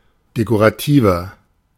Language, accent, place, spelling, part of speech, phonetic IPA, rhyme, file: German, Germany, Berlin, dekorativer, adjective, [dekoʁaˈtiːvɐ], -iːvɐ, De-dekorativer.ogg
- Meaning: 1. comparative degree of dekorativ 2. inflection of dekorativ: strong/mixed nominative masculine singular 3. inflection of dekorativ: strong genitive/dative feminine singular